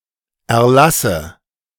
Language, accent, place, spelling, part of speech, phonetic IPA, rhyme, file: German, Germany, Berlin, Erlasse, noun, [ɛɐ̯ˈlasə], -asə, De-Erlasse.ogg
- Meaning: nominative/accusative/genitive plural of Erlass